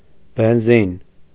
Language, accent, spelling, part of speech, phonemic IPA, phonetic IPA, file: Armenian, Eastern Armenian, բենզին, noun, /benˈzin/, [benzín], Hy-բենզին.ogg
- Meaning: petrol (British); gasoline, gas (US)